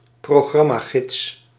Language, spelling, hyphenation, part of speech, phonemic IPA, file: Dutch, programmagids, pro‧gram‧ma‧gids, noun, /proːˈɣrɑ.maːˌɣɪts/, Nl-programmagids.ogg
- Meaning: a programme guide